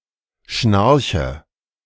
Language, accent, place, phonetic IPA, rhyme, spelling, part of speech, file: German, Germany, Berlin, [ˈʃnaʁçə], -aʁçə, schnarche, verb, De-schnarche.ogg
- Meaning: inflection of schnarchen: 1. first-person singular present 2. first/third-person singular subjunctive I 3. singular imperative